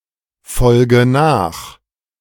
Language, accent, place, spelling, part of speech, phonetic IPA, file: German, Germany, Berlin, folge nach, verb, [ˌfɔlɡə ˈnaːx], De-folge nach.ogg
- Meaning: inflection of nachfolgen: 1. first-person singular present 2. first/third-person singular subjunctive I 3. singular imperative